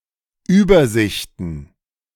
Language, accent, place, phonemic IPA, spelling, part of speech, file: German, Germany, Berlin, /ˈyːbɐˌzɪçtn̩/, Übersichten, noun, De-Übersichten.ogg
- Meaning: plural of Übersicht